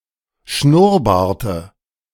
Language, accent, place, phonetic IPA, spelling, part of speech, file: German, Germany, Berlin, [ˈʃnʊʁˌbaːɐ̯tə], Schnurrbarte, noun, De-Schnurrbarte.ogg
- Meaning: dative of Schnurrbart